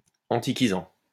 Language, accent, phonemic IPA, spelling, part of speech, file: French, France, /ɑ̃.ti.ki.zɑ̃/, antiquisant, verb / adjective / noun, LL-Q150 (fra)-antiquisant.wav
- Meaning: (verb) present participle of antiquiser; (adjective) antiquated; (noun) antiquarian